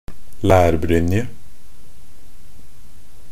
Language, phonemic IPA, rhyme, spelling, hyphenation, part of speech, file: Norwegian Bokmål, /læːrbrʏnjə/, -ʏnjə, lærbrynje, lær‧bryn‧je, noun, Nb-lærbrynje.ogg
- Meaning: a leather armour for the upper body, sometimes combined with flexible metal armour